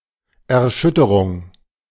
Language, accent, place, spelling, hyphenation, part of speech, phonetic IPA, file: German, Germany, Berlin, Erschütterung, Er‧schüt‧te‧rung, noun, [ɛɐ̯ˈʃʏtəʁʊŋ], De-Erschütterung.ogg
- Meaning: 1. concussion 2. vibration 3. shock